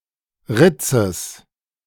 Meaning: genitive singular of Ritz
- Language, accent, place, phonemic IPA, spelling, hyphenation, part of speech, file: German, Germany, Berlin, /ˈʁɪt͡səs/, Ritzes, Rit‧zes, noun, De-Ritzes.ogg